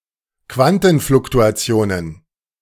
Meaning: plural of Quantenfluktuation
- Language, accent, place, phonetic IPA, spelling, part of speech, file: German, Germany, Berlin, [ˈkvantn̩flʊktuaˌt͡si̯oːnən], Quantenfluktuationen, noun, De-Quantenfluktuationen.ogg